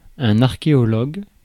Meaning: archaeologist (someone who is skilled, professes or practices archaeology)
- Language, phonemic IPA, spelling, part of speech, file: French, /aʁ.ke.ɔ.lɔɡ/, archéologue, noun, Fr-archéologue.ogg